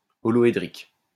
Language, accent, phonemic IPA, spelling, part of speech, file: French, France, /ɔ.lɔ.e.dʁik/, holoédrique, adjective, LL-Q150 (fra)-holoédrique.wav
- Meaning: holohedral